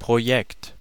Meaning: project
- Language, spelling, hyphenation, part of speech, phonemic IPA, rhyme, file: German, Projekt, Pro‧jekt, noun, /pʁoˈjɛkt/, -ɛkt, De-Projekt.ogg